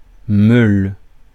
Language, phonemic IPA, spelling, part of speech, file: French, /møl/, meule, noun, Fr-meule.ogg
- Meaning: 1. grindstone 2. millstone 3. round (of cheese) 4. haystack, stack 5. motorcycle, motorbike